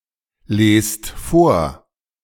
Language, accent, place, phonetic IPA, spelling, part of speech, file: German, Germany, Berlin, [ˌleːst ˈfoːɐ̯], lest vor, verb, De-lest vor.ogg
- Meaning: inflection of vorlesen: 1. second-person plural present 2. plural imperative